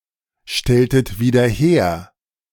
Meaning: inflection of wiederherstellen: 1. second-person plural preterite 2. second-person plural subjunctive II
- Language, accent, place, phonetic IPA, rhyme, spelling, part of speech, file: German, Germany, Berlin, [ˌʃtɛltət viːdɐ ˈheːɐ̯], -eːɐ̯, stelltet wieder her, verb, De-stelltet wieder her.ogg